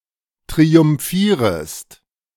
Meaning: second-person singular subjunctive I of triumphieren
- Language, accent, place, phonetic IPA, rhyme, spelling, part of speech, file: German, Germany, Berlin, [tʁiʊmˈfiːʁəst], -iːʁəst, triumphierest, verb, De-triumphierest.ogg